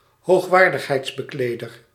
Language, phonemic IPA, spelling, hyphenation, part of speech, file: Dutch, /ɦoːxˈʋaːr.dəx.ɦɛi̯ts.bəˌkleː.dər/, hoogwaardigheidsbekleder, hoog‧waar‧dig‧heids‧be‧kle‧der, noun, Nl-hoogwaardigheidsbekleder.ogg
- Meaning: dignitary